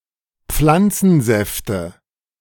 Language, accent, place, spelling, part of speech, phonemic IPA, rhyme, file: German, Germany, Berlin, Pflanzensäfte, noun, /ˈp͡flant͡sn̩ˌzɛftə/, -ɛftə, De-Pflanzensäfte.ogg
- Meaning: nominative/accusative/genitive plural of Pflanzensaft